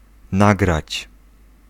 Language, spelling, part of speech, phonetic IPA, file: Polish, nagrać, verb, [ˈnaɡrat͡ɕ], Pl-nagrać.ogg